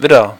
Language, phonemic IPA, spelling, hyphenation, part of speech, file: German, /ˈvɪdər/, Widder, Wid‧der, noun, De-Widder.ogg
- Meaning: 1. ram (male sheep) 2. Aries (constellation and astrological sign)